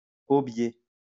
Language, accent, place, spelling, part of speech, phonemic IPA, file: French, France, Lyon, aubier, noun, /o.bje/, LL-Q150 (fra)-aubier.wav
- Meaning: sapwood, alburnum